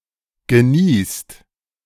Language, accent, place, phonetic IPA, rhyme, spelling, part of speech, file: German, Germany, Berlin, [ɡəˈniːst], -iːst, geniest, verb, De-geniest.ogg
- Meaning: past participle of niesen